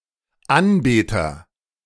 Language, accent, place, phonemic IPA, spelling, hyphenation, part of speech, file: German, Germany, Berlin, /ˈanˌbeːtɐ/, Anbeter, An‧be‧ter, noun, De-Anbeter.ogg
- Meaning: agent noun of anbeten; worshipper, worshiper, adorer, idolater, idolizer, idoliser (male or of unspecified gender)